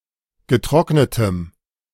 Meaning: strong dative masculine/neuter singular of getrocknet
- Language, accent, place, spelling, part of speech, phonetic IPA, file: German, Germany, Berlin, getrocknetem, adjective, [ɡəˈtʁɔknətəm], De-getrocknetem.ogg